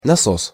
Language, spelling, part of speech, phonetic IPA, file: Russian, насос, noun, [nɐˈsos], Ru-насос.ogg
- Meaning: pump